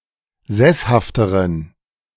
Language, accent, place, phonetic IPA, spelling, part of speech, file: German, Germany, Berlin, [ˈzɛshaftəʁən], sesshafteren, adjective, De-sesshafteren.ogg
- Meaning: inflection of sesshaft: 1. strong genitive masculine/neuter singular comparative degree 2. weak/mixed genitive/dative all-gender singular comparative degree